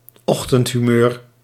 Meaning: a bad mood in the morning
- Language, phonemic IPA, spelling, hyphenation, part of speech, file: Dutch, /ˈɔx.tənt.ɦyˌmøːr/, ochtendhumeur, och‧tend‧hu‧meur, noun, Nl-ochtendhumeur.ogg